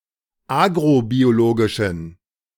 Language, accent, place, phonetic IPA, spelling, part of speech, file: German, Germany, Berlin, [ˈaːɡʁobioˌloːɡɪʃn̩], agrobiologischen, adjective, De-agrobiologischen.ogg
- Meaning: inflection of agrobiologisch: 1. strong genitive masculine/neuter singular 2. weak/mixed genitive/dative all-gender singular 3. strong/weak/mixed accusative masculine singular 4. strong dative plural